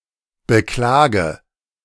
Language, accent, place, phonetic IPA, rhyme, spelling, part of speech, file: German, Germany, Berlin, [bəˈklaːɡə], -aːɡə, beklage, verb, De-beklage.ogg
- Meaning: inflection of beklagen: 1. first-person singular present 2. singular imperative 3. first/third-person singular subjunctive I